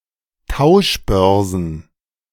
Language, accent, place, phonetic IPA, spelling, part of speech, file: German, Germany, Berlin, [ˈtaʊ̯ʃˌbœʁzn̩], Tauschbörsen, noun, De-Tauschbörsen.ogg
- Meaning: plural of Tauschbörse